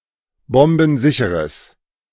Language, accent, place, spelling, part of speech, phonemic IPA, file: German, Germany, Berlin, bombensicheres, adjective, /ˈbɔmbn̩ˌzɪçəʁəs/, De-bombensicheres.ogg
- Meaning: strong/mixed nominative/accusative neuter singular of bombensicher